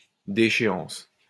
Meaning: 1. decay 2. downfall
- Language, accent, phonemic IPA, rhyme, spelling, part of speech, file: French, France, /de.ʃe.ɑ̃s/, -ɑ̃s, déchéance, noun, LL-Q150 (fra)-déchéance.wav